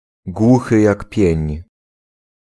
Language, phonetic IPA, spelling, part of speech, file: Polish, [ˈɡwuxɨ ˈjak ˈpʲjɛ̇̃ɲ], głuchy jak pień, adjectival phrase, Pl-głuchy jak pień.ogg